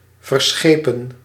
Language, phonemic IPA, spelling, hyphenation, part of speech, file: Dutch, /vərˈsxeː.pə(n)/, verschepen, ver‧sche‧pen, verb, Nl-verschepen.ogg
- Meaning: 1. to embark 2. to ship